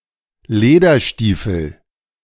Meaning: leather boot
- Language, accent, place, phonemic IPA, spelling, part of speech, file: German, Germany, Berlin, /ˈleːdɐˌʃtiːfl̩/, Lederstiefel, noun, De-Lederstiefel.ogg